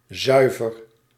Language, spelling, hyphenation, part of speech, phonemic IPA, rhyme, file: Dutch, zuiver, zui‧ver, adjective / interjection / verb, /ˈzœy̯vər/, -œy̯vər, Nl-zuiver.ogg
- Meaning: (adjective) 1. pure 2. clean, tidy 3. net (i.e. after expenses and taxes, when talking about profit, as in zuivere winst) 4. guiltless, clean (e.g. conscience) 5. in tune 6. unbiased